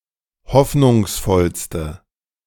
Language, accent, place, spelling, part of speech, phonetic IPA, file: German, Germany, Berlin, hoffnungsvollste, adjective, [ˈhɔfnʊŋsˌfɔlstə], De-hoffnungsvollste.ogg
- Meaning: inflection of hoffnungsvoll: 1. strong/mixed nominative/accusative feminine singular superlative degree 2. strong nominative/accusative plural superlative degree